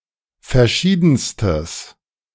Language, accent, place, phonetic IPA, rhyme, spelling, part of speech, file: German, Germany, Berlin, [fɛɐ̯ˈʃiːdn̩stəs], -iːdn̩stəs, verschiedenstes, adjective, De-verschiedenstes.ogg
- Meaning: strong/mixed nominative/accusative neuter singular superlative degree of verschieden